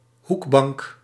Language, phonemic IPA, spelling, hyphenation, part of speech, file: Dutch, /ˈɦuk.bɑŋk/, hoekbank, hoek‧bank, noun, Nl-hoekbank.ogg
- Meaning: 1. corner seat 2. countertop, counter